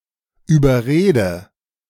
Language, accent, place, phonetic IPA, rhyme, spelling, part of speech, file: German, Germany, Berlin, [yːbɐˈʁeːdə], -eːdə, überrede, verb, De-überrede.ogg
- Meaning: inflection of überreden: 1. first-person singular present 2. first/third-person singular subjunctive I 3. singular imperative